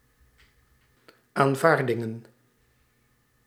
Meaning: plural of aanvaarding
- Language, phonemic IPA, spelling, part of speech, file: Dutch, /aɱˈvardɪŋə(n)/, aanvaardingen, noun, Nl-aanvaardingen.ogg